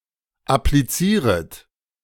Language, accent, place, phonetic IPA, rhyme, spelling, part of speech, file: German, Germany, Berlin, [apliˈt͡siːʁət], -iːʁət, applizieret, verb, De-applizieret.ogg
- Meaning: second-person plural subjunctive I of applizieren